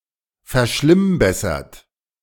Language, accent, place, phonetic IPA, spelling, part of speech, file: German, Germany, Berlin, [fɛɐ̯ˈʃlɪmˌbɛsɐt], verschlimmbessert, verb, De-verschlimmbessert.ogg
- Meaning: 1. past participle of verschlimmbessern 2. inflection of verschlimmbessern: third-person singular present 3. inflection of verschlimmbessern: second-person plural present